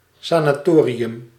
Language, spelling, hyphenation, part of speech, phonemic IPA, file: Dutch, sanatorium, sa‧na‧to‧ri‧um, noun, /ˌsaːnaːˈtoː.ri.ʏm/, Nl-sanatorium.ogg
- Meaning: sanatorium (institution that treats chronic diseases and provides supervised recuperation and convalescence)